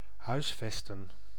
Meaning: to house, to accommodate
- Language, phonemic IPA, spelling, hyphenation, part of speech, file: Dutch, /ˈɦœy̯sˌfɛs.tə(n)/, huisvesten, huis‧ves‧ten, verb, Nl-huisvesten.ogg